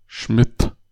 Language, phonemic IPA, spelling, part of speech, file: German, /ʃmɪt/, Schmidt, proper noun / noun, De-Schmidt.ogg
- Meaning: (proper noun) a common surname originating as an occupation, equivalent to English Smith; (noun) archaic form of Schmied (“smith”)